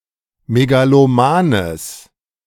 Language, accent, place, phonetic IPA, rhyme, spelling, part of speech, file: German, Germany, Berlin, [meɡaloˈmaːnəs], -aːnəs, megalomanes, adjective, De-megalomanes.ogg
- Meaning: strong/mixed nominative/accusative neuter singular of megaloman